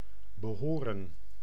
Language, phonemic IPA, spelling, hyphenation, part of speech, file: Dutch, /bəˈɦoːrə(n)/, behoren, be‧ho‧ren, verb, Nl-behoren.ogg
- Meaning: 1. to belong (be accepted in a group) 2. to befit, behoove